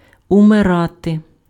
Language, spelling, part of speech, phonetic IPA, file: Ukrainian, умирати, verb, [ʊmeˈrate], Uk-умирати.ogg
- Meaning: to die